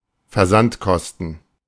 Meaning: shipping costs
- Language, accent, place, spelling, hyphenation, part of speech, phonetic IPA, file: German, Germany, Berlin, Versandkosten, Ver‧sand‧kos‧ten, noun, [fɛɐ̯ˈzantˌkɔstn̩], De-Versandkosten.ogg